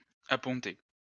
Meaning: alternative form of apponter
- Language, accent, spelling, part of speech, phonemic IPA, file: French, France, aponter, verb, /a.pɔ̃.te/, LL-Q150 (fra)-aponter.wav